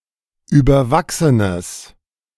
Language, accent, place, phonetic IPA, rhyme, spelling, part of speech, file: German, Germany, Berlin, [ˌyːbɐˈvaksənəs], -aksənəs, überwachsenes, adjective, De-überwachsenes.ogg
- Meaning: strong/mixed nominative/accusative neuter singular of überwachsen